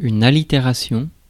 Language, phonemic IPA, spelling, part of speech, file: French, /a.li.te.ʁa.sjɔ̃/, allitération, noun, Fr-allitération.ogg
- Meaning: alliteration